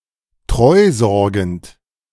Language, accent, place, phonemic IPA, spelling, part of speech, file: German, Germany, Berlin, /ˈtʁɔɪ̯ˌzɔʁɡn̩t/, treusorgend, adjective, De-treusorgend.ogg
- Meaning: devoted, faithful